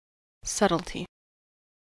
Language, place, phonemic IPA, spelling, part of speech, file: English, California, /ˈsʌt(ə)lti/, subtlety, noun, En-us-subtlety.ogg
- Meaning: The quality of being subtle.: The quality of being scarcely noticeable or difficult to discern. (of things)